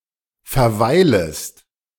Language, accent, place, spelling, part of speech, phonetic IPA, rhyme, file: German, Germany, Berlin, verweilest, verb, [fɛɐ̯ˈvaɪ̯ləst], -aɪ̯ləst, De-verweilest.ogg
- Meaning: second-person singular subjunctive I of verweilen